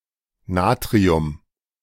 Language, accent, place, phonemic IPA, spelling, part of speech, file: German, Germany, Berlin, /ˈnaːtʁi̯ʊm/, Natrium, noun, De-Natrium.ogg
- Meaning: sodium